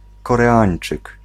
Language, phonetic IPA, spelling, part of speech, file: Polish, [ˌkɔrɛˈãj̃n͇t͡ʃɨk], Koreańczyk, noun, Pl-Koreańczyk.ogg